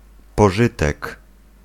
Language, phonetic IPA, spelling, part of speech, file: Polish, [pɔˈʒɨtɛk], pożytek, noun, Pl-pożytek.ogg